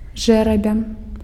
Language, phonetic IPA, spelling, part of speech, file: Belarusian, [ˈʐɛrabʲa], жэрабя, noun, Be-жэрабя.ogg
- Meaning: lot, fate, destiny